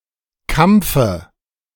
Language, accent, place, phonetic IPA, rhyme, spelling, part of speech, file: German, Germany, Berlin, [ˈkamp͡fə], -amp͡fə, Kampfe, noun, De-Kampfe.ogg
- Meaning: dative singular of Kampf